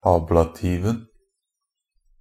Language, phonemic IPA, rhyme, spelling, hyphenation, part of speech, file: Norwegian Bokmål, /ˈɑːblatiːʋn̩/, -iːʋn̩, ablativen, ab‧la‧tiv‧en, noun, NB - Pronunciation of Norwegian Bokmål «ablativen».ogg
- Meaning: definite singular of ablativ